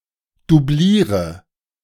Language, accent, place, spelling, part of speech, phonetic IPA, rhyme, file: German, Germany, Berlin, dubliere, verb, [duˈbliːʁə], -iːʁə, De-dubliere.ogg
- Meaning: inflection of dublieren: 1. first-person singular present 2. first/third-person singular subjunctive I 3. singular imperative